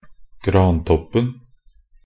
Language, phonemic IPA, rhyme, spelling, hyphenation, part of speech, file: Norwegian Bokmål, /ɡrɑːntɔpːn̩/, -ɔpːn̩, grantoppen, gran‧topp‧en, noun, Nb-grantoppen.ogg
- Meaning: definite singular of grantopp